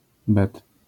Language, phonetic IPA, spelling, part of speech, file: Polish, [bɛt], bet, noun, LL-Q809 (pol)-bet.wav